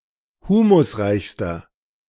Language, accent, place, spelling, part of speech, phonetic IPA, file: German, Germany, Berlin, humusreichster, adjective, [ˈhuːmʊsˌʁaɪ̯çstɐ], De-humusreichster.ogg
- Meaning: inflection of humusreich: 1. strong/mixed nominative masculine singular superlative degree 2. strong genitive/dative feminine singular superlative degree 3. strong genitive plural superlative degree